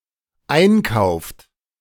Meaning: inflection of einkaufen: 1. third-person singular dependent present 2. second-person plural dependent present
- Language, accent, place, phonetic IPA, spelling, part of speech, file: German, Germany, Berlin, [ˈaɪ̯nˌkaʊ̯ft], einkauft, verb, De-einkauft.ogg